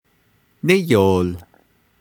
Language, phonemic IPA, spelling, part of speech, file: Navajo, /nɪ̀jòl/, níyol, verb / noun, Nv-níyol.ogg
- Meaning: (verb) it is windy (literally, "the wind arrived blowing"); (noun) wind